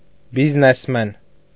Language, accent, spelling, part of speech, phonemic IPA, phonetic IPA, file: Armenian, Eastern Armenian, բիզնեսմեն, noun, /biznesˈmen/, [biznesmén], Hy-բիզնեսմեն.ogg
- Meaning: businessman